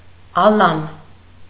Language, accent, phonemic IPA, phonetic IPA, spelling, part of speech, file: Armenian, Eastern Armenian, /ɑˈlɑn/, [ɑlɑ́n], ալան, noun, Hy-ալան.ogg
- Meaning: Alan (member of a group of Sarmatian tribes)